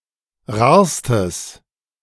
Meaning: strong/mixed nominative/accusative neuter singular superlative degree of rar
- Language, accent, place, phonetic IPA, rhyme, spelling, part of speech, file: German, Germany, Berlin, [ˈʁaːɐ̯stəs], -aːɐ̯stəs, rarstes, adjective, De-rarstes.ogg